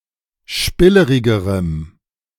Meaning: strong dative masculine/neuter singular comparative degree of spillerig
- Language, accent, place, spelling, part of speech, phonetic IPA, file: German, Germany, Berlin, spillerigerem, adjective, [ˈʃpɪləʁɪɡəʁəm], De-spillerigerem.ogg